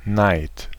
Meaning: envy, jealousy
- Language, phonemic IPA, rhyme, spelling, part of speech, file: German, /naɪ̯t/, -aɪ̯t, Neid, noun, De-Neid.ogg